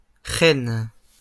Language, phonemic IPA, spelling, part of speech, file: French, /ʁɛn/, rennes, noun, LL-Q150 (fra)-rennes.wav
- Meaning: plural of renne